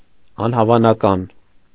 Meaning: improbable, unlikely
- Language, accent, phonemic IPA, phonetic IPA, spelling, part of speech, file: Armenian, Eastern Armenian, /ɑnhɑvɑnɑˈkɑn/, [ɑnhɑvɑnɑkɑ́n], անհավանական, adjective, Hy-անհավանական .ogg